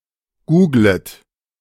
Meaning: second-person plural subjunctive I of googeln
- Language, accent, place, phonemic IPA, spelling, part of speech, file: German, Germany, Berlin, /ˈɡuːɡlət/, googlet, verb, De-googlet.ogg